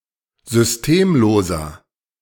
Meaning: inflection of systemlos: 1. strong/mixed nominative masculine singular 2. strong genitive/dative feminine singular 3. strong genitive plural
- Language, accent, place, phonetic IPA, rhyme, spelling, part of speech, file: German, Germany, Berlin, [zʏsˈteːmˌloːzɐ], -eːmloːzɐ, systemloser, adjective, De-systemloser.ogg